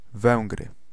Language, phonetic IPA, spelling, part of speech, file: Polish, [ˈvɛ̃ŋɡrɨ], Węgry, proper noun, Pl-Węgry.ogg